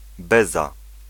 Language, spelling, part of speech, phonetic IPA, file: Polish, beza, noun, [ˈbɛza], Pl-beza.ogg